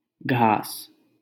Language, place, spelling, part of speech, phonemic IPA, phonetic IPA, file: Hindi, Delhi, घास, noun, /ɡʱɑːs/, [ɡʱäːs], LL-Q1568 (hin)-घास.wav
- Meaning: 1. grass 2. fodder